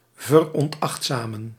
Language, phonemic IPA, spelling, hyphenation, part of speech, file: Dutch, /vər.ɔnˈɑxt.zaːm.ən/, veronachtzamen, ver‧on‧acht‧za‧men, verb, Nl-veronachtzamen.ogg
- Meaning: to not pay attention to, ignore, disregard